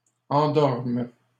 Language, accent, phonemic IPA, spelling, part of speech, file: French, Canada, /ɑ̃.dɔʁm/, endormes, verb, LL-Q150 (fra)-endormes.wav
- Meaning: second-person singular present subjunctive of endormir